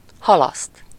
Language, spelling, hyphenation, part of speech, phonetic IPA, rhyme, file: Hungarian, halaszt, ha‧laszt, verb, [ˈhɒlɒst], -ɒst, Hu-halaszt.ogg
- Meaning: to postpone, defer, delay (followed by -ra/-re) (to put off the completion of something until a later time)